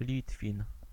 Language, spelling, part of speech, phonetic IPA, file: Polish, Litwin, noun, [ˈlʲitfʲĩn], Pl-Litwin.ogg